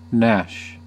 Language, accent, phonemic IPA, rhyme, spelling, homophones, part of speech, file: English, US, /ˈnæʃ/, -æʃ, gnash, Nash, verb / noun, En-us-gnash.ogg
- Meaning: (verb) 1. To grind (one's teeth) in pain or in anger 2. To grind between the teeth 3. To clash together violently 4. To run away; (noun) A sudden snapping of the teeth